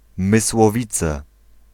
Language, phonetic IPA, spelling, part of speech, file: Polish, [ˌmɨswɔˈvʲit͡sɛ], Mysłowice, proper noun, Pl-Mysłowice.ogg